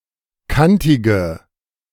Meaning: inflection of kantig: 1. strong/mixed nominative/accusative feminine singular 2. strong nominative/accusative plural 3. weak nominative all-gender singular 4. weak accusative feminine/neuter singular
- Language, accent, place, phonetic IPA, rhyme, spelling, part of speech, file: German, Germany, Berlin, [ˈkantɪɡə], -antɪɡə, kantige, adjective, De-kantige.ogg